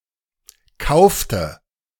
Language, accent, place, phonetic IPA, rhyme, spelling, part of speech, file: German, Germany, Berlin, [ˈkaʊ̯ftə], -aʊ̯ftə, kaufte, verb, De-kaufte.ogg
- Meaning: inflection of kaufen: 1. first/third-person singular preterite 2. first/third-person singular subjunctive II